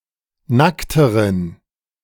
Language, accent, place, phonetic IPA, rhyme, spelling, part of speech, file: German, Germany, Berlin, [ˈnaktəʁən], -aktəʁən, nackteren, adjective, De-nackteren.ogg
- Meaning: inflection of nackt: 1. strong genitive masculine/neuter singular comparative degree 2. weak/mixed genitive/dative all-gender singular comparative degree